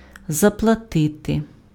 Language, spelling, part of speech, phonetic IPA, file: Ukrainian, заплатити, verb, [zɐpɫɐˈtɪte], Uk-заплатити.ogg
- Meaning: to pay